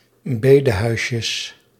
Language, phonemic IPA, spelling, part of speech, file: Dutch, /ˈbedəhœyʃəs/, bedehuisjes, noun, Nl-bedehuisjes.ogg
- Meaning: plural of bedehuisje